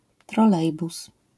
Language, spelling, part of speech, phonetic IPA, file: Polish, trolejbus, noun, [trɔˈlɛjbus], LL-Q809 (pol)-trolejbus.wav